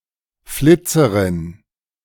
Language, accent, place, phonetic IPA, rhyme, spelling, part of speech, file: German, Germany, Berlin, [ˈflɪt͡səʁɪn], -ɪt͡səʁɪn, Flitzerin, noun, De-Flitzerin.ogg
- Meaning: streaker (person who runs naked through a place)